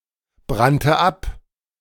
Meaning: first/third-person singular preterite of abbrennen
- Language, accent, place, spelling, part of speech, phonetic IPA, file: German, Germany, Berlin, brannte ab, verb, [ˌbʁantə ˈʔap], De-brannte ab.ogg